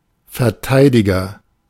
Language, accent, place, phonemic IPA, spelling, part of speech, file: German, Germany, Berlin, /fɛɐ̯ˈtaɪ̯dɪɡɐ/, Verteidiger, noun, De-Verteidiger.ogg
- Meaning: 1. defender (someone who defends something, e.g. a soldier) 2. back; defender 3. defense attorney (US), defence counsel (UK), solicitor